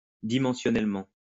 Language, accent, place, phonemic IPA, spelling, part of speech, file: French, France, Lyon, /di.mɑ̃.sjɔ.nɛl.mɑ̃/, dimensionnellement, adverb, LL-Q150 (fra)-dimensionnellement.wav
- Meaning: dimensionally